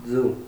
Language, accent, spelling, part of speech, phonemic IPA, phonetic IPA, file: Armenian, Eastern Armenian, ձու, noun, /d͡zu/, [d͡zu], Hy-ձու.ogg
- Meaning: 1. egg 2. ovum 3. testicle, ball